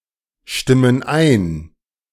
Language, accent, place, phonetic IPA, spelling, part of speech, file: German, Germany, Berlin, [ˌʃtɪmən ˈaɪ̯n], stimmen ein, verb, De-stimmen ein.ogg
- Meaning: inflection of einstimmen: 1. first/third-person plural present 2. first/third-person plural subjunctive I